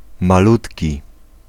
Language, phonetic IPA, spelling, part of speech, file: Polish, [maˈlutʲci], malutki, adjective, Pl-malutki.ogg